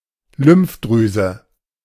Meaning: lymph gland
- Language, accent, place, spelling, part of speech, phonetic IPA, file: German, Germany, Berlin, Lymphdrüse, noun, [ˈlʏmfˌdʁyːzə], De-Lymphdrüse.ogg